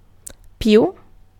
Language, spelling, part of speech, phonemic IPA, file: Italian, più, adjective / adverb / noun, /ˈpju/, It-più.ogg